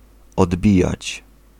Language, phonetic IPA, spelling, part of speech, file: Polish, [ɔdˈbʲijät͡ɕ], odbijać, verb, Pl-odbijać.ogg